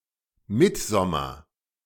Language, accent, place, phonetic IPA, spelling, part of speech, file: German, Germany, Berlin, [ˈmɪtˌzɔmɐ], Mittsommer, noun, De-Mittsommer.ogg
- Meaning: midsummer (the period around the summer solstice)